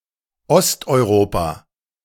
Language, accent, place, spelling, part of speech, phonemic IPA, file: German, Germany, Berlin, Osteuropa, proper noun, /ˌɔstʔɔɪˈʁoːpa/, De-Osteuropa.ogg
- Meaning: Eastern Europe (a socio-political geographical area of eastern Europe usually including the European countries to the east of Germany, Austria and Italy, and to the west of the Urals)